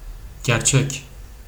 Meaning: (adjective) 1. true, real 2. rightful, truthful; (adverb) for real; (noun) truth, the real, fact, reality
- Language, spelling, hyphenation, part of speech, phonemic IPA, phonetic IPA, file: Turkish, gerçek, ger‧çek, adjective / adverb / noun, /ɟeɾˈt͡ʃec/, [ɟæɾˈt͡ʃec], Tr tr gerçek.ogg